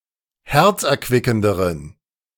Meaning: inflection of herzerquickend: 1. strong genitive masculine/neuter singular comparative degree 2. weak/mixed genitive/dative all-gender singular comparative degree
- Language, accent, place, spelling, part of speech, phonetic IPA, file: German, Germany, Berlin, herzerquickenderen, adjective, [ˈhɛʁt͡sʔɛɐ̯ˌkvɪkn̩dəʁən], De-herzerquickenderen.ogg